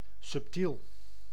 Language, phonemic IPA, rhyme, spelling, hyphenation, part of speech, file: Dutch, /sʏpˈtil/, -il, subtiel, sub‧tiel, adjective, Nl-subtiel.ogg
- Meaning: 1. subtle (hard to grasp) 2. cunning, skilful